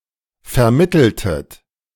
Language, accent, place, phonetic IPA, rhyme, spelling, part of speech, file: German, Germany, Berlin, [fɛɐ̯ˈmɪtl̩tət], -ɪtl̩tət, vermitteltet, verb, De-vermitteltet.ogg
- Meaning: inflection of vermitteln: 1. second-person plural preterite 2. second-person plural subjunctive II